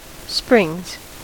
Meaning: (noun) plural of spring; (verb) third-person singular simple present indicative of spring
- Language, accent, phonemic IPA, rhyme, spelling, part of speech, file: English, US, /spɹɪŋz/, -ɪŋz, springs, noun / verb, En-us-springs.ogg